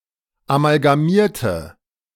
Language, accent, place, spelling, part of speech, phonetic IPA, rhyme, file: German, Germany, Berlin, amalgamierte, adjective / verb, [amalɡaˈmiːɐ̯tə], -iːɐ̯tə, De-amalgamierte.ogg
- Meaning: inflection of amalgamiert: 1. strong/mixed nominative/accusative feminine singular 2. strong nominative/accusative plural 3. weak nominative all-gender singular